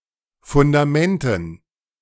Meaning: dative plural of Fundament
- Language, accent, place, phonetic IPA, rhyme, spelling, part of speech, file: German, Germany, Berlin, [fʊndaˈmɛntn̩], -ɛntn̩, Fundamenten, noun, De-Fundamenten.ogg